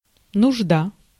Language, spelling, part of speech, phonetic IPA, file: Russian, нужда, noun, [nʊʐˈda], Ru-нужда.ogg
- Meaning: 1. need, want, request 2. need, indigence